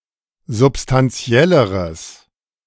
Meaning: strong/mixed nominative/accusative neuter singular comparative degree of substantiell
- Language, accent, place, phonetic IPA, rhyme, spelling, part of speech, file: German, Germany, Berlin, [zʊpstanˈt͡si̯ɛləʁəs], -ɛləʁəs, substantielleres, adjective, De-substantielleres.ogg